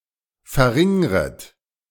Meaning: second-person plural subjunctive I of verringern
- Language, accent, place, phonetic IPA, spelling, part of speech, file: German, Germany, Berlin, [fɛɐ̯ˈʁɪŋʁət], verringret, verb, De-verringret.ogg